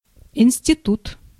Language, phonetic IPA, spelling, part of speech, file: Russian, [ɪn⁽ʲ⁾sʲtʲɪˈtut], институт, noun, Ru-институт.ogg
- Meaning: 1. institute 2. institution 3. college, school (in a university) 4. girl’s boarding school